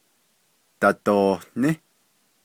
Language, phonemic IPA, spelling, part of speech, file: Navajo, /tɑ̀tòhnɪ́/, dadohní, verb, Nv-dadohní.ogg
- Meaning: second-person plural imperfective of ní